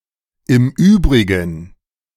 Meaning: as for the rest, apart from that; otherwise, besides
- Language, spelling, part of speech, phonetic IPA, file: German, im Übrigen, phrase, [ɪm ˈyːbʁiɡn̩], De-im Übrigen.oga